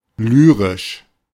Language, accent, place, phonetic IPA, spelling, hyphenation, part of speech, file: German, Germany, Berlin, [ˈlyːʁɪʃ], lyrisch, ly‧risch, adjective, De-lyrisch.ogg
- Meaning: lyrical, lyric